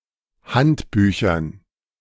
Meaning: dative plural of Handbuch
- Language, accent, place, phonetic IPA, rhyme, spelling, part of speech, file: German, Germany, Berlin, [ˈhantˌbyːçɐn], -antbyːçɐn, Handbüchern, noun, De-Handbüchern.ogg